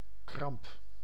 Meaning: cramp
- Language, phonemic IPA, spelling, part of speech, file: Dutch, /krɑmp/, kramp, noun, Nl-kramp.ogg